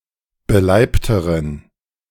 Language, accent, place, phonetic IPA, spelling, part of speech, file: German, Germany, Berlin, [bəˈlaɪ̯ptəʁən], beleibteren, adjective, De-beleibteren.ogg
- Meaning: inflection of beleibt: 1. strong genitive masculine/neuter singular comparative degree 2. weak/mixed genitive/dative all-gender singular comparative degree